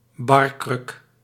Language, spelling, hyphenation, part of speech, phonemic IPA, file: Dutch, barkruk, bar‧kruk, noun, /ˈbɑr.krʏk/, Nl-barkruk.ogg
- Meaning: bar stool